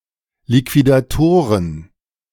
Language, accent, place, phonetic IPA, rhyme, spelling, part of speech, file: German, Germany, Berlin, [likvidaˈtoːʁən], -oːʁən, Liquidatoren, noun, De-Liquidatoren.ogg
- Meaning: plural of Liquidator